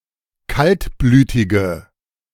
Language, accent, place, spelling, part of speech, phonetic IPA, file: German, Germany, Berlin, kaltblütige, adjective, [ˈkaltˌblyːtɪɡə], De-kaltblütige.ogg
- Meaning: inflection of kaltblütig: 1. strong/mixed nominative/accusative feminine singular 2. strong nominative/accusative plural 3. weak nominative all-gender singular